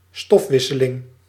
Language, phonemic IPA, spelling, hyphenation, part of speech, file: Dutch, /ˈstɔfʋɪsəlɪŋ/, stofwisseling, stof‧wis‧se‧ling, noun, Nl-stofwisseling.ogg
- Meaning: metabolism (complete set of chemical reactions that occur in living cells)